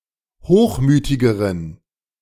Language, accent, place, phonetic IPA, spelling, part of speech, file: German, Germany, Berlin, [ˈhoːxˌmyːtɪɡəʁən], hochmütigeren, adjective, De-hochmütigeren.ogg
- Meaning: inflection of hochmütig: 1. strong genitive masculine/neuter singular comparative degree 2. weak/mixed genitive/dative all-gender singular comparative degree